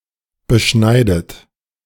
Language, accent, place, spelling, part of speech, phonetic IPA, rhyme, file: German, Germany, Berlin, beschneidet, verb, [bəˈʃnaɪ̯dət], -aɪ̯dət, De-beschneidet.ogg
- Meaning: inflection of beschneiden: 1. third-person singular present 2. second-person plural present 3. second-person plural subjunctive I 4. plural imperative